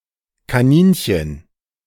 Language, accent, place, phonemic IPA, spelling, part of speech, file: German, Germany, Berlin, /kaˈniːnçən/, Kaninchen, noun, De-Kaninchen.ogg
- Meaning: rabbit